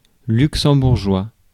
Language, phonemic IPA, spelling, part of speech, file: French, /lyk.sɑ̃.buʁ.ʒwa/, luxembourgeois, adjective / noun, Fr-luxembourgeois.ogg
- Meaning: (adjective) of Luxembourg; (noun) Luxembourgish (language)